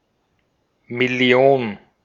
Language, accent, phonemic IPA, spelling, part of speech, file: German, Austria, /mɪˈli̯oːn/, Million, noun, De-at-Million.ogg
- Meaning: million (10⁶)